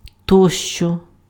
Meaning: et cetera, and so on, and so forth
- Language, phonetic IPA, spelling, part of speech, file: Ukrainian, [ˈtɔʃt͡ʃɔ], тощо, adverb, Uk-тощо.ogg